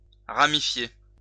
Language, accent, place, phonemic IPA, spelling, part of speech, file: French, France, Lyon, /ʁa.mi.fje/, ramifier, verb, LL-Q150 (fra)-ramifier.wav
- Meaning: 1. to ramify 2. to divide